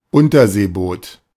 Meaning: 1. submarine (vessel) 2. submersible (vessel)
- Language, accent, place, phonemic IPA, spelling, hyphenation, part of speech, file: German, Germany, Berlin, /ˈʊntɐzeːˌboːt/, Unterseeboot, Un‧ter‧see‧boot, noun, De-Unterseeboot.ogg